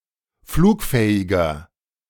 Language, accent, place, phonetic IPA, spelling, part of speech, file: German, Germany, Berlin, [ˈfluːkˌfɛːɪɡɐ], flugfähiger, adjective, De-flugfähiger.ogg
- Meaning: inflection of flugfähig: 1. strong/mixed nominative masculine singular 2. strong genitive/dative feminine singular 3. strong genitive plural